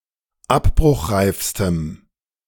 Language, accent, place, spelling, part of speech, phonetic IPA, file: German, Germany, Berlin, abbruchreifstem, adjective, [ˈapbʁʊxˌʁaɪ̯fstəm], De-abbruchreifstem.ogg
- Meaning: strong dative masculine/neuter singular superlative degree of abbruchreif